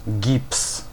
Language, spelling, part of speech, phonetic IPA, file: Polish, gips, noun, [ɟips], Pl-gips.ogg